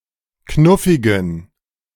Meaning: inflection of knuffig: 1. strong genitive masculine/neuter singular 2. weak/mixed genitive/dative all-gender singular 3. strong/weak/mixed accusative masculine singular 4. strong dative plural
- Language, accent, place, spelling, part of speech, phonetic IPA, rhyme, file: German, Germany, Berlin, knuffigen, adjective, [ˈknʊfɪɡn̩], -ʊfɪɡn̩, De-knuffigen.ogg